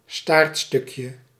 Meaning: diminutive of staartstuk
- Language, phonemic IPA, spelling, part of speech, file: Dutch, /ˈstartstʏkjə/, staartstukje, noun, Nl-staartstukje.ogg